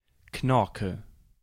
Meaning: great, very good
- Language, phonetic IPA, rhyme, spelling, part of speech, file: German, [ˈknɔʁkə], -ɔʁkə, knorke, adjective, De-knorke.ogg